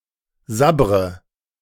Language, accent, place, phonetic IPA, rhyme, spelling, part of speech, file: German, Germany, Berlin, [ˈzabʁə], -abʁə, sabbre, verb, De-sabbre.ogg
- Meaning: inflection of sabbern: 1. first-person singular present 2. first/third-person singular subjunctive I 3. singular imperative